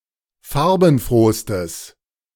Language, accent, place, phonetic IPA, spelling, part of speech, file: German, Germany, Berlin, [ˈfaʁbn̩ˌfʁoːstəs], farbenfrohstes, adjective, De-farbenfrohstes.ogg
- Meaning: strong/mixed nominative/accusative neuter singular superlative degree of farbenfroh